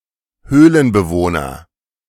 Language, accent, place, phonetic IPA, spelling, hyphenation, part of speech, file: German, Germany, Berlin, [ˈhøːlənbəˌvoːnɐ], Höhlenbewohner, Höh‧len‧be‧woh‧ner, noun, De-Höhlenbewohner.ogg
- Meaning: cave dweller